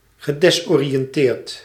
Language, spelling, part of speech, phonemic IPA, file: Dutch, gedesoriënteerd, verb, /ɣəˌdɛsorijənˈtert/, Nl-gedesoriënteerd.ogg
- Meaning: past participle of desoriënteren